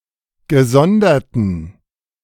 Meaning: inflection of gesondert: 1. strong genitive masculine/neuter singular 2. weak/mixed genitive/dative all-gender singular 3. strong/weak/mixed accusative masculine singular 4. strong dative plural
- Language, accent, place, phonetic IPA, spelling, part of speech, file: German, Germany, Berlin, [ɡəˈzɔndɐtn̩], gesonderten, adjective, De-gesonderten.ogg